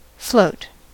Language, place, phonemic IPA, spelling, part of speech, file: English, California, /floʊt/, float, verb / noun, En-us-float.ogg
- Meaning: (verb) To be supported by a fluid of greater density (than the object)